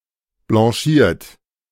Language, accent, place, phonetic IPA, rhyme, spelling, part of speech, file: German, Germany, Berlin, [blɑ̃ˈʃiːɐ̯t], -iːɐ̯t, blanchiert, verb, De-blanchiert.ogg
- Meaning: 1. past participle of blanchieren 2. inflection of blanchieren: third-person singular present 3. inflection of blanchieren: second-person plural present 4. inflection of blanchieren: plural imperative